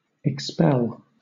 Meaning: 1. To eject 2. To fire (a bullet, arrow etc.) 3. To remove from membership 4. To deport
- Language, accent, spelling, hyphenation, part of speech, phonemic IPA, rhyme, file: English, Southern England, expel, ex‧pel, verb, /ɪkˈspɛl/, -ɛl, LL-Q1860 (eng)-expel.wav